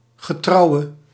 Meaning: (adjective) inflection of getrouw: 1. masculine/feminine singular attributive 2. definite neuter singular attributive 3. plural attributive
- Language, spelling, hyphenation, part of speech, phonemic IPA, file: Dutch, getrouwe, ge‧trou‧we, adjective / noun, /ɣəˈtrɑu̯ʋə/, Nl-getrouwe.ogg